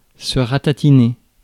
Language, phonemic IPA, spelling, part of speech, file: French, /ʁa.ta.ti.ne/, ratatiner, verb, Fr-ratatiner.ogg
- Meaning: 1. to shrink, shrivel 2. to shrivel (up) 3. to badly damage, wreck, to destroy 4. to kill 5. to soundly defeat; to cream